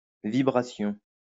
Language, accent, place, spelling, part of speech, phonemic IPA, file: French, France, Lyon, vibration, noun, /vi.bʁa.sjɔ̃/, LL-Q150 (fra)-vibration.wav
- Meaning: vibration